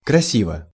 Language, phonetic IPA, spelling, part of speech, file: Russian, [krɐˈsʲivə], красиво, adverb / adjective, Ru-красиво.ogg
- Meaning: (adverb) beautifully; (adjective) short neuter singular of краси́вый (krasívyj)